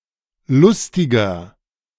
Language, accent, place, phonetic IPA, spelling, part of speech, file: German, Germany, Berlin, [ˈlʊstɪɡɐ], lustiger, adjective, De-lustiger.ogg
- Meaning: inflection of lustig: 1. strong/mixed nominative masculine singular 2. strong genitive/dative feminine singular 3. strong genitive plural